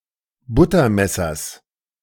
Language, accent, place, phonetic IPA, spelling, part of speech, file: German, Germany, Berlin, [ˈbʊtɐˌmɛsɐs], Buttermessers, noun, De-Buttermessers.ogg
- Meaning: genitive singular of Buttermesser